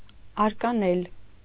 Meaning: to throw
- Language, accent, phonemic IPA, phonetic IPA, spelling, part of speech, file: Armenian, Eastern Armenian, /ɑɾkɑˈnel/, [ɑɾkɑnél], արկանել, verb, Hy-արկանել.ogg